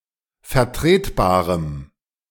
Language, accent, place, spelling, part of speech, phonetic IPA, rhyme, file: German, Germany, Berlin, vertretbarem, adjective, [fɛɐ̯ˈtʁeːtˌbaːʁəm], -eːtbaːʁəm, De-vertretbarem.ogg
- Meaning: strong dative masculine/neuter singular of vertretbar